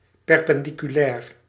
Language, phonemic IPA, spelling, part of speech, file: Dutch, /ˌpɛrpɛnˌdikyˈlɛːr/, perpendiculair, noun / adjective, Nl-perpendiculair.ogg
- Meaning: perpendicular